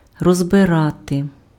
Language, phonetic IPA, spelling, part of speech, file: Ukrainian, [rɔzbeˈrate], розбирати, verb, Uk-розбирати.ogg
- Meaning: 1. to take apart, to disassemble, to dismantle, to take to pieces 2. to parse, to analyze, to unpack